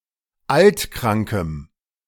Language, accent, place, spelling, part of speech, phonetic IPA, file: German, Germany, Berlin, altkrankem, adjective, [ˈaltˌkʁaŋkəm], De-altkrankem.ogg
- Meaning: strong dative masculine/neuter singular of altkrank